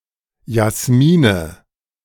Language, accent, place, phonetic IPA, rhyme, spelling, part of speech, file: German, Germany, Berlin, [jasˈmiːnə], -iːnə, Jasmine, noun, De-Jasmine.ogg
- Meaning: nominative/accusative/genitive plural of Jasmin